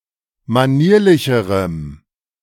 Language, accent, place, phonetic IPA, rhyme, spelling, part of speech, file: German, Germany, Berlin, [maˈniːɐ̯lɪçəʁəm], -iːɐ̯lɪçəʁəm, manierlicherem, adjective, De-manierlicherem.ogg
- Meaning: strong dative masculine/neuter singular comparative degree of manierlich